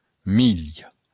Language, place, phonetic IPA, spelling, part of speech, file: Occitan, Béarn, [ˈmil], milh, noun, LL-Q14185 (oci)-milh.wav
- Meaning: corn